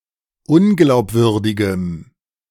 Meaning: strong dative masculine/neuter singular of unglaubwürdig
- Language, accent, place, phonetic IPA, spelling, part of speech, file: German, Germany, Berlin, [ˈʊnɡlaʊ̯pˌvʏʁdɪɡəm], unglaubwürdigem, adjective, De-unglaubwürdigem.ogg